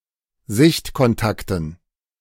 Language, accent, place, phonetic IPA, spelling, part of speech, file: German, Germany, Berlin, [ˈzɪçtkɔnˌtaktn̩], Sichtkontakten, noun, De-Sichtkontakten.ogg
- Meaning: dative plural of Sichtkontakt